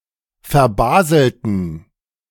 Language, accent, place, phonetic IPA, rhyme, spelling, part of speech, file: German, Germany, Berlin, [fɛɐ̯ˈbaːzl̩tn̩], -aːzl̩tn̩, verbaselten, adjective / verb, De-verbaselten.ogg
- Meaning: inflection of verbaseln: 1. first/third-person plural preterite 2. first/third-person plural subjunctive II